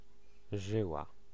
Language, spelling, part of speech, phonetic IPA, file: Polish, żyła, noun / verb, [ˈʒɨwa], Pl-żyła.ogg